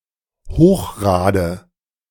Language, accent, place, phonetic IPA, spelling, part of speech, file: German, Germany, Berlin, [ˈhoːxˌʁaːdə], Hochrade, noun, De-Hochrade.ogg
- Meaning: dative singular of Hochrad